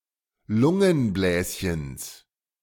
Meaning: genitive singular of Lungenbläschen
- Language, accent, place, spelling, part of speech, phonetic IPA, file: German, Germany, Berlin, Lungenbläschens, noun, [ˈlʊŋənˌblɛːsçəns], De-Lungenbläschens.ogg